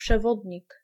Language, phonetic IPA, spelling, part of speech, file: Polish, [pʃɛˈvɔdʲɲik], przewodnik, noun, Pl-przewodnik.ogg